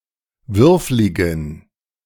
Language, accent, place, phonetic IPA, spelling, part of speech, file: German, Germany, Berlin, [ˈvʏʁflɪɡn̩], würfligen, adjective, De-würfligen.ogg
- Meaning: inflection of würflig: 1. strong genitive masculine/neuter singular 2. weak/mixed genitive/dative all-gender singular 3. strong/weak/mixed accusative masculine singular 4. strong dative plural